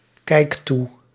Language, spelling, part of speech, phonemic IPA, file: Dutch, kijk toe, verb, /ˈkɛik ˈtu/, Nl-kijk toe.ogg
- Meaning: inflection of toekijken: 1. first-person singular present indicative 2. second-person singular present indicative 3. imperative